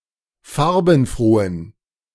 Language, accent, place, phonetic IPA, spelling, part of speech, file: German, Germany, Berlin, [ˈfaʁbn̩ˌfʁoːən], farbenfrohen, adjective, De-farbenfrohen.ogg
- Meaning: inflection of farbenfroh: 1. strong genitive masculine/neuter singular 2. weak/mixed genitive/dative all-gender singular 3. strong/weak/mixed accusative masculine singular 4. strong dative plural